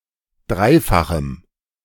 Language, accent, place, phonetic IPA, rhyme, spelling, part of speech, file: German, Germany, Berlin, [ˈdʁaɪ̯faxm̩], -aɪ̯faxm̩, dreifachem, adjective, De-dreifachem.ogg
- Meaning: strong dative masculine/neuter singular of dreifach